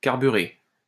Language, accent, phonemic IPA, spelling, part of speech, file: French, France, /kaʁ.by.ʁe/, carburer, verb, LL-Q150 (fra)-carburer.wav
- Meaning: 1. to carburet 2. (of a motor) to run well 3. to run on, live on (to use a substance to work, to get on) 4. to introduce carbon into a metal